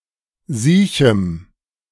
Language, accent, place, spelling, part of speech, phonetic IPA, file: German, Germany, Berlin, siechem, adjective, [ˈziːçm̩], De-siechem.ogg
- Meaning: strong dative masculine/neuter singular of siech